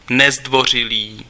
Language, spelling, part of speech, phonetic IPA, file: Czech, nezdvořilý, adjective, [ˈnɛzdvor̝ɪliː], Cs-nezdvořilý.ogg
- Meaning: impolite